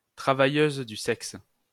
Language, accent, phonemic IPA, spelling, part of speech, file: French, France, /tʁa.va.jøz dy sɛks/, travailleuse du sexe, noun, LL-Q150 (fra)-travailleuse du sexe.wav
- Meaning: female sex worker